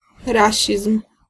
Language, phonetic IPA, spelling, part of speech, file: Polish, [ˈraɕism̥], rasizm, noun, Pl-rasizm.ogg